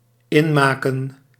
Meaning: 1. to conserve, to can, to cure 2. to trounce, to drub
- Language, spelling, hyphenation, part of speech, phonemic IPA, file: Dutch, inmaken, in‧ma‧ken, verb, /ˈɪnˌmaː.kə(n)/, Nl-inmaken.ogg